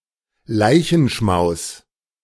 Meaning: communal meal eaten by mourners after a funeral
- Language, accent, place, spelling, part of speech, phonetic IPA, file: German, Germany, Berlin, Leichenschmaus, noun, [ˈlaɪ̯çn̩ˌʃmaʊ̯s], De-Leichenschmaus.ogg